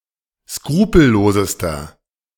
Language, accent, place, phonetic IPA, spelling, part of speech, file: German, Germany, Berlin, [ˈskʁuːpl̩ˌloːzəstɐ], skrupellosester, adjective, De-skrupellosester.ogg
- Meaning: inflection of skrupellos: 1. strong/mixed nominative masculine singular superlative degree 2. strong genitive/dative feminine singular superlative degree 3. strong genitive plural superlative degree